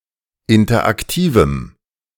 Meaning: strong dative masculine/neuter singular of interaktiv
- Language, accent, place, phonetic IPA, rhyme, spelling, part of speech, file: German, Germany, Berlin, [ˌɪntɐʔakˈtiːvm̩], -iːvm̩, interaktivem, adjective, De-interaktivem.ogg